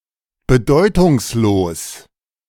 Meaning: meaningless, insignificant
- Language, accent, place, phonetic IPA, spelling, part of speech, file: German, Germany, Berlin, [bəˈdɔɪ̯tʊŋsˌloːs], bedeutungslos, adjective, De-bedeutungslos.ogg